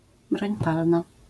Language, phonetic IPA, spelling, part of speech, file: Polish, [ˈbrɔ̃ɲ ˈpalna], broń palna, noun, LL-Q809 (pol)-broń palna.wav